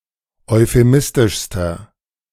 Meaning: inflection of euphemistisch: 1. strong/mixed nominative masculine singular superlative degree 2. strong genitive/dative feminine singular superlative degree
- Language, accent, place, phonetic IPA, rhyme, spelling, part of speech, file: German, Germany, Berlin, [ɔɪ̯feˈmɪstɪʃstɐ], -ɪstɪʃstɐ, euphemistischster, adjective, De-euphemistischster.ogg